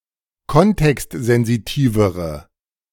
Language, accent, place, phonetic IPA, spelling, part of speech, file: German, Germany, Berlin, [ˈkɔntɛkstzɛnziˌtiːvəʁə], kontextsensitivere, adjective, De-kontextsensitivere.ogg
- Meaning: inflection of kontextsensitiv: 1. strong/mixed nominative/accusative feminine singular comparative degree 2. strong nominative/accusative plural comparative degree